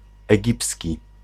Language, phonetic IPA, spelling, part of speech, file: Polish, [ɛˈɟipsʲci], egipski, adjective, Pl-egipski.ogg